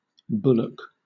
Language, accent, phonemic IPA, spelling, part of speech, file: English, Southern England, /ˈbʊlək/, bullock, noun / verb, LL-Q1860 (eng)-bullock.wav
- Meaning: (noun) 1. A young bull 2. A castrated bull; an ox; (verb) To bully